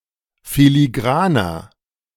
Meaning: 1. comparative degree of filigran 2. inflection of filigran: strong/mixed nominative masculine singular 3. inflection of filigran: strong genitive/dative feminine singular
- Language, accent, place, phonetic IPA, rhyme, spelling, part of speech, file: German, Germany, Berlin, [filiˈɡʁaːnɐ], -aːnɐ, filigraner, adjective, De-filigraner.ogg